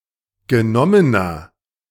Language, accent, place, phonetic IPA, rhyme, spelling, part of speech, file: German, Germany, Berlin, [ɡəˈnɔmənɐ], -ɔmənɐ, genommener, adjective, De-genommener.ogg
- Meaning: inflection of genommen: 1. strong/mixed nominative masculine singular 2. strong genitive/dative feminine singular 3. strong genitive plural